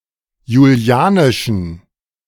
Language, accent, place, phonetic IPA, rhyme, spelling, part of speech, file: German, Germany, Berlin, [juˈli̯aːnɪʃn̩], -aːnɪʃn̩, julianischen, adjective, De-julianischen.ogg
- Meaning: inflection of julianisch: 1. strong genitive masculine/neuter singular 2. weak/mixed genitive/dative all-gender singular 3. strong/weak/mixed accusative masculine singular 4. strong dative plural